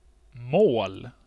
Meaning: 1. language; dialect 2. juridical case 3. target; what one aims to hit 4. finish; goal. Where a race ends 5. goal; the place the players should attempt to put the ball in, in order to score 6. meal
- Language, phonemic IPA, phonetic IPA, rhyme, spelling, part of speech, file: Swedish, /moːl/, [ˈmoə̯l̪], -oːl, mål, noun, Sv-mål.ogg